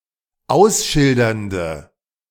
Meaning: inflection of ausschildernd: 1. strong/mixed nominative/accusative feminine singular 2. strong nominative/accusative plural 3. weak nominative all-gender singular
- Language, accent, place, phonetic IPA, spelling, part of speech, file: German, Germany, Berlin, [ˈaʊ̯sˌʃɪldɐndə], ausschildernde, adjective, De-ausschildernde.ogg